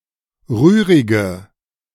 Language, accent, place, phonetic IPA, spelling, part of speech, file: German, Germany, Berlin, [ˈʁyːʁɪɡə], rührige, adjective, De-rührige.ogg
- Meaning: inflection of rührig: 1. strong/mixed nominative/accusative feminine singular 2. strong nominative/accusative plural 3. weak nominative all-gender singular 4. weak accusative feminine/neuter singular